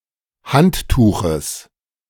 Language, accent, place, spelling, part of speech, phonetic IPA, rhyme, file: German, Germany, Berlin, Handtuches, noun, [ˈhantˌtuːxəs], -anttuːxəs, De-Handtuches.ogg
- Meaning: genitive singular of Handtuch